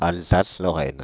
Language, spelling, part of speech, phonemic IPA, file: French, Alsace-Lorraine, proper noun, /al.za.slɔ.ʁɛn/, Fr-Alsace-Lorraine.ogg
- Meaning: Alsace-Lorraine (a historical state in Germany (1871-1918); now a geographic region, part of the administrative region of Grand Est, France)